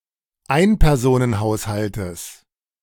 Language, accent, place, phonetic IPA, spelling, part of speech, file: German, Germany, Berlin, [ˈaɪ̯npɛʁzoːnənˌhaʊ̯shaltəs], Einpersonenhaushaltes, noun, De-Einpersonenhaushaltes.ogg
- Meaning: genitive of Einpersonenhaushalt